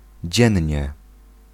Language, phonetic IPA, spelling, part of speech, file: Polish, [ˈd͡ʑɛ̇̃ɲːɛ], dziennie, adverb, Pl-dziennie.ogg